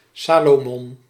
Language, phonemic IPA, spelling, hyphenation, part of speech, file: Dutch, /ˈsaː.loːˌmɔn/, Salomon, Sa‧lo‧mon, proper noun, Nl-Salomon.ogg
- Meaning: 1. alternative form of Salomo (“Biblical king”) 2. a male given name